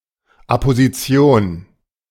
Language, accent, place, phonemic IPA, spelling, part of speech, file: German, Germany, Berlin, /apoziˈt͡si̯oːn/, Apposition, noun, De-Apposition.ogg
- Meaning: apposition